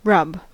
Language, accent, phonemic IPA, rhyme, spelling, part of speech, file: English, US, /ɹʌb/, -ʌb, rub, noun / verb, En-us-rub.ogg
- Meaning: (noun) 1. An act of rubbing 2. A difficulty or problem 3. A quip or sarcastic remark 4. In the game of crown green bowls, any obstacle by which a bowl is diverted from its normal course